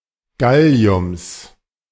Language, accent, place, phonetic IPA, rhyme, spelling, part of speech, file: German, Germany, Berlin, [ˈɡali̯ʊms], -ali̯ʊms, Galliums, noun, De-Galliums.ogg
- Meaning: genitive singular of Gallium